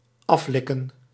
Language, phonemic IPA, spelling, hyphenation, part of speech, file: Dutch, /ˈɑfˌlɪ.kə(n)/, aflikken, af‧lik‧ken, verb, Nl-aflikken.ogg
- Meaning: 1. to lick off (to remove by licking) 2. to lick off (to clean by licking)